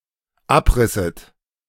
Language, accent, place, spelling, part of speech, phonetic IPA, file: German, Germany, Berlin, abrisset, verb, [ˈapˌʁɪsət], De-abrisset.ogg
- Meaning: second-person plural dependent subjunctive II of abreißen